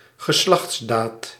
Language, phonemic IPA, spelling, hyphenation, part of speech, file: Dutch, /ɣəˈslɑx(t)sˌdaːt/, geslachtsdaad, ge‧slachts‧daad, noun, Nl-geslachtsdaad.ogg
- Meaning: sexual intercourse